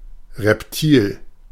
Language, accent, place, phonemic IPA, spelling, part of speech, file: German, Germany, Berlin, /ʁɛpˈtiːl/, Reptil, noun, De-Reptil.ogg
- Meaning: A reptile; the cold-blooded vertebrate